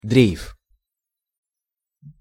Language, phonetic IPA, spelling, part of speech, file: Russian, [drʲejf], дрейф, noun, Ru-дрейф.ogg
- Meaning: 1. drift (act or motion of drifting) 2. drift (movement of something carried by a current)